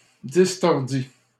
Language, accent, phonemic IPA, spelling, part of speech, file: French, Canada, /dis.tɔʁ.di/, distordis, verb, LL-Q150 (fra)-distordis.wav
- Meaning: first/second-person singular past historic of distordre